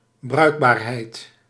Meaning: usefulness
- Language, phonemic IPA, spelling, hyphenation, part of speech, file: Dutch, /ˈbrœy̯k.baːrˌɦɛi̯t/, bruikbaarheid, bruik‧baar‧heid, noun, Nl-bruikbaarheid.ogg